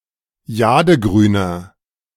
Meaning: inflection of jadegrün: 1. strong/mixed nominative masculine singular 2. strong genitive/dative feminine singular 3. strong genitive plural
- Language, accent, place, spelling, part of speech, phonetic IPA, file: German, Germany, Berlin, jadegrüner, adjective, [ˈjaːdəˌɡʁyːnɐ], De-jadegrüner.ogg